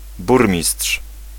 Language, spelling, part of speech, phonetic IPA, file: Polish, burmistrz, noun, [ˈburmʲisṭʃ], Pl-burmistrz.ogg